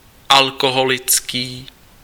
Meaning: alcoholic (of beverages)
- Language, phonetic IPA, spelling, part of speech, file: Czech, [ˈalkoɦolɪt͡skiː], alkoholický, adjective, Cs-alkoholický.ogg